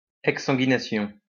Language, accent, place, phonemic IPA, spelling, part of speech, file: French, France, Lyon, /ɛk.sɑ̃.ɡi.na.sjɔ̃/, exsanguination, noun, LL-Q150 (fra)-exsanguination.wav
- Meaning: exsanguination